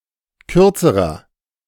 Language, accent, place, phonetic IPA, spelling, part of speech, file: German, Germany, Berlin, [ˈkʏʁt͡səʁɐ], kürzerer, adjective, De-kürzerer.ogg
- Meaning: inflection of kurz: 1. strong/mixed nominative masculine singular comparative degree 2. strong genitive/dative feminine singular comparative degree 3. strong genitive plural comparative degree